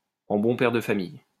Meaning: in a prudent, mature and reasonable manner; responsibly; as a reasonable person would
- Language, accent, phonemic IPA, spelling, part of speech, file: French, France, /ɑ̃ bɔ̃ pɛʁ də fa.mij/, en bon père de famille, adverb, LL-Q150 (fra)-en bon père de famille.wav